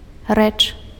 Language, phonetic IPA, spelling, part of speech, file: Belarusian, [rɛt͡ʂ], рэч, noun, Be-рэч.ogg
- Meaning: thing